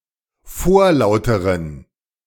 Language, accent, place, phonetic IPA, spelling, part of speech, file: German, Germany, Berlin, [ˈfoːɐ̯ˌlaʊ̯təʁən], vorlauteren, adjective, De-vorlauteren.ogg
- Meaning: inflection of vorlaut: 1. strong genitive masculine/neuter singular comparative degree 2. weak/mixed genitive/dative all-gender singular comparative degree